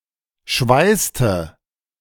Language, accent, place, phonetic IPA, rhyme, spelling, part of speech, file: German, Germany, Berlin, [ˈʃvaɪ̯stə], -aɪ̯stə, schweißte, verb, De-schweißte.ogg
- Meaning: inflection of schweißen: 1. first/third-person singular preterite 2. first/third-person singular subjunctive II